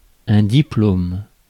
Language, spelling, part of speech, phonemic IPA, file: French, diplôme, noun, /di.plom/, Fr-diplôme.ogg
- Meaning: diploma (document issued by an educational institution testifying that the recipient has earned a degree or has successfully completed a particular course of study)